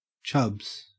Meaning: 1. plural of chub 2. Term of address for a fat person
- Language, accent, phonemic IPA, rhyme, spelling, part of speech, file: English, Australia, /t͡ʃʌbz/, -ʌbz, chubs, noun, En-au-chubs.ogg